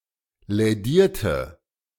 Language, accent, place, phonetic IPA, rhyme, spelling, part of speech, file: German, Germany, Berlin, [lɛˈdiːɐ̯tə], -iːɐ̯tə, lädierte, adjective / verb, De-lädierte.ogg
- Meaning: inflection of lädieren: 1. first/third-person singular preterite 2. first/third-person singular subjunctive II